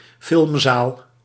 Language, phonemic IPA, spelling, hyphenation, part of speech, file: Dutch, /ˈfɪlm.zaːl/, filmzaal, film‧zaal, noun, Nl-filmzaal.ogg
- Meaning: 1. cinema, movie theater 2. viewing room of a cinema